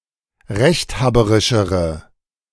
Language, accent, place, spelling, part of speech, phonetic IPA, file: German, Germany, Berlin, rechthaberischere, adjective, [ˈʁɛçtˌhaːbəʁɪʃəʁə], De-rechthaberischere.ogg
- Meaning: inflection of rechthaberisch: 1. strong/mixed nominative/accusative feminine singular comparative degree 2. strong nominative/accusative plural comparative degree